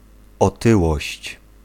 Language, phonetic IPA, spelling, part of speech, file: Polish, [ɔˈtɨwɔɕt͡ɕ], otyłość, noun, Pl-otyłość.ogg